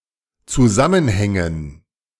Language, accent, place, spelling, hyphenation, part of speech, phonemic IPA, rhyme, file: German, Germany, Berlin, Zusammenhängen, Zu‧sam‧men‧hän‧gen, noun, /t͡suˈzamənˌhɛŋən/, -ɛŋən, De-Zusammenhängen.ogg
- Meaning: 1. gerund of zusammenhängen 2. dative plural of Zusammenhang